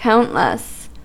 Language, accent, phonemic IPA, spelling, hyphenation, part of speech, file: English, US, /ˈkaʊntləs/, countless, count‧less, determiner / adjective, En-us-countless.ogg
- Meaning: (determiner) A huge and uncountable number of; too many to count; innumerable; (adjective) 1. Synonym of uncountable 2. Too large to be counted to